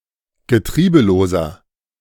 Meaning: inflection of getriebelos: 1. strong/mixed nominative masculine singular 2. strong genitive/dative feminine singular 3. strong genitive plural
- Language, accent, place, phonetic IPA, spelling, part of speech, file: German, Germany, Berlin, [ɡəˈtʁiːbəloːzɐ], getriebeloser, adjective, De-getriebeloser.ogg